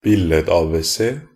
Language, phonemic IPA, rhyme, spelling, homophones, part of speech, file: Norwegian Bokmål, /bɪlːədɑːbɛˈseː/, -eː, billed-abc, billed-ABC, noun, Nb-billed-abc.ogg
- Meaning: a primer with pictures